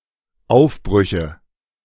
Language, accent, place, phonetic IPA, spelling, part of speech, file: German, Germany, Berlin, [ˈaʊ̯fˌbʁʏçə], Aufbrüche, noun, De-Aufbrüche.ogg
- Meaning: nominative/accusative/genitive plural of Aufbruch